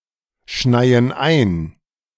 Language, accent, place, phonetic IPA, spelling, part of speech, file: German, Germany, Berlin, [ˌʃnaɪ̯ən ˈaɪ̯n], schneien ein, verb, De-schneien ein.ogg
- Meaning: inflection of einschneien: 1. first/third-person plural present 2. first/third-person plural subjunctive I